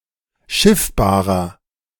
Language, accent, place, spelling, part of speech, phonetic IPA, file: German, Germany, Berlin, schiffbarer, adjective, [ˈʃɪfbaːʁɐ], De-schiffbarer.ogg
- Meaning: 1. comparative degree of schiffbar 2. inflection of schiffbar: strong/mixed nominative masculine singular 3. inflection of schiffbar: strong genitive/dative feminine singular